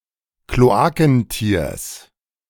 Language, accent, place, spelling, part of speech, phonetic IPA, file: German, Germany, Berlin, Kloakentiers, noun, [kloˈaːkn̩ˌtiːɐ̯s], De-Kloakentiers.ogg
- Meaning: genitive singular of Kloakentier